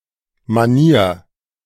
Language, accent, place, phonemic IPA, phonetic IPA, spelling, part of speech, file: German, Germany, Berlin, /maˈniːr/, [maˈni(ː)ɐ̯], Manier, noun, De-Manier.ogg
- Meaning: 1. style, manner 2. way, manner 3. mannerism, tic, individual habit 4. manners